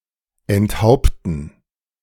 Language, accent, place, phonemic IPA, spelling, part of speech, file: German, Germany, Berlin, /ɛntˈhaʊ̯ptn̩/, enthaupten, verb, De-enthaupten.ogg
- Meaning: to behead, to decapitate